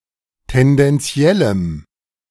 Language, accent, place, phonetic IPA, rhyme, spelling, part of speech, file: German, Germany, Berlin, [tɛndɛnˈt͡si̯ɛləm], -ɛləm, tendenziellem, adjective, De-tendenziellem.ogg
- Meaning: strong dative masculine/neuter singular of tendenziell